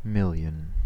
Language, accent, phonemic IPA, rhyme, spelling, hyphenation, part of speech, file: English, US, /ˈmɪl.jən/, -ɪljən, million, mil‧lion, numeral, En-us-million.ogg
- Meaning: 1. The cardinal number 1 000 000: 10⁶; a thousand thousand (1,000²) 2. An unspecified very large number